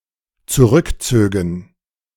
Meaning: first/third-person plural dependent subjunctive II of zurückziehen
- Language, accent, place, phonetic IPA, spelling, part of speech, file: German, Germany, Berlin, [t͡suˈʁʏkˌt͡søːɡn̩], zurückzögen, verb, De-zurückzögen.ogg